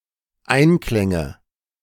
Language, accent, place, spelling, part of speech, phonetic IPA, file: German, Germany, Berlin, Einklänge, noun, [ˈaɪ̯nˌklɛŋə], De-Einklänge.ogg
- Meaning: nominative/accusative/genitive plural of Einklang